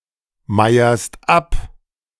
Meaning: second-person singular present of abmeiern
- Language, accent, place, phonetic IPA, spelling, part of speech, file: German, Germany, Berlin, [ˌmaɪ̯ɐst ˈap], meierst ab, verb, De-meierst ab.ogg